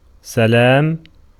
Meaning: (noun) 1. verbal noun of سَلِمَ (salima) (form I), well-being 2. peace 3. greeting; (interjection) salutation; greeting
- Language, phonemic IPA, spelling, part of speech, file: Arabic, /sa.laːm/, سلام, noun / interjection, Ar-سلام.ogg